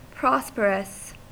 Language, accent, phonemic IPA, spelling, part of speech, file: English, US, /ˈpɹɑs.pə.ɹəs/, prosperous, adjective, En-us-prosperous.ogg
- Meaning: 1. Characterized by success 2. Well off; affluent 3. Favorable